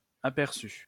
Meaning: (noun) 1. glance, glimpse 2. insight, hint 3. rough estimate 4. sketch, outline, summary 5. view 6. overview 7. preview; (verb) past participle of apercevoir; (interjection) aye, aye
- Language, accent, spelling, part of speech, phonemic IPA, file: French, France, aperçu, noun / verb / interjection, /a.pɛʁ.sy/, LL-Q150 (fra)-aperçu.wav